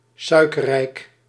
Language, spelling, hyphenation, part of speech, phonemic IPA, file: Dutch, suikerrijk, sui‧ker‧rijk, adjective, /ˈsœy̯.kərˌrɛi̯k/, Nl-suikerrijk.ogg
- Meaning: high in sugar content